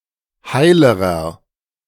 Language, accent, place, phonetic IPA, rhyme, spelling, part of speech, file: German, Germany, Berlin, [ˈhaɪ̯ləʁɐ], -aɪ̯ləʁɐ, heilerer, adjective, De-heilerer.ogg
- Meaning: inflection of heil: 1. strong/mixed nominative masculine singular comparative degree 2. strong genitive/dative feminine singular comparative degree 3. strong genitive plural comparative degree